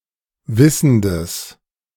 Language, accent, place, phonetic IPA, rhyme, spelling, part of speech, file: German, Germany, Berlin, [ˈvɪsn̩dəs], -ɪsn̩dəs, wissendes, adjective, De-wissendes.ogg
- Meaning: strong/mixed nominative/accusative neuter singular of wissend